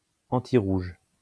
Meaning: antired
- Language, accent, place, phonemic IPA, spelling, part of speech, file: French, France, Lyon, /ɑ̃.ti.ʁuʒ/, antirouge, adjective, LL-Q150 (fra)-antirouge.wav